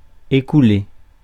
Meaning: 1. to sell off, to shift 2. to flow 3. to disband, to scatter 4. to pass, to elapse 5. to diminish, to dwindle away slowly
- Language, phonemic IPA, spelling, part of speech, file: French, /e.ku.le/, écouler, verb, Fr-écouler.ogg